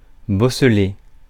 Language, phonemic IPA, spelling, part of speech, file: French, /bɔ.sle/, bosselé, verb, Fr-bosselé.ogg
- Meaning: past participle of bosseler